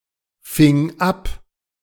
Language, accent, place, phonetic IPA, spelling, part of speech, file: German, Germany, Berlin, [ˌfɪŋ ˈap], fing ab, verb, De-fing ab.ogg
- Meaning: first/third-person singular preterite of abfangen